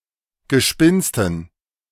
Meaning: dative plural of Gespinst
- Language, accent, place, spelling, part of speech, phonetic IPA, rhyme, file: German, Germany, Berlin, Gespinsten, noun, [ɡəˈʃpɪnstn̩], -ɪnstn̩, De-Gespinsten.ogg